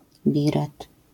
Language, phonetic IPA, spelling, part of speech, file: Polish, [ˈbʲirɛt], biret, noun, LL-Q809 (pol)-biret.wav